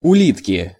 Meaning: inflection of ули́тка (ulítka): 1. genitive singular 2. nominative plural
- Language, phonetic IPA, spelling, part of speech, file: Russian, [ʊˈlʲitkʲɪ], улитки, noun, Ru-улитки.ogg